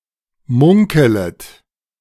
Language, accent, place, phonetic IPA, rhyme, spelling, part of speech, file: German, Germany, Berlin, [ˈmʊŋkələt], -ʊŋkələt, munkelet, verb, De-munkelet.ogg
- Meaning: second-person plural subjunctive I of munkeln